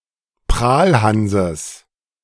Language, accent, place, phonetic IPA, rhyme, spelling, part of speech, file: German, Germany, Berlin, [ˈpʁaːlˌhanzəs], -aːlhanzəs, Prahlhanses, noun, De-Prahlhanses.ogg
- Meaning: genitive of Prahlhans